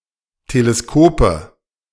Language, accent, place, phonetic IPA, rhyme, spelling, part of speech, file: German, Germany, Berlin, [teleˈskoːpə], -oːpə, Teleskope, noun, De-Teleskope.ogg
- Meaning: nominative/accusative/genitive plural of Teleskop